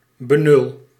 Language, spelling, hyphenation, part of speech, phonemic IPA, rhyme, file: Dutch, benul, be‧nul, noun, /bəˈnʏl/, -ʏl, Nl-benul.ogg
- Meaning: understanding, idea; insight, awareness